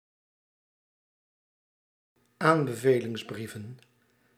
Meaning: plural of aanbevelingsbrief
- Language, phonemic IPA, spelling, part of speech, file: Dutch, /ˈambəvelɪŋzˌbrivə(n)/, aanbevelingsbrieven, noun, Nl-aanbevelingsbrieven.ogg